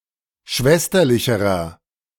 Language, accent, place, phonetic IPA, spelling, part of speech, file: German, Germany, Berlin, [ˈʃvɛstɐlɪçəʁɐ], schwesterlicherer, adjective, De-schwesterlicherer.ogg
- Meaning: inflection of schwesterlich: 1. strong/mixed nominative masculine singular comparative degree 2. strong genitive/dative feminine singular comparative degree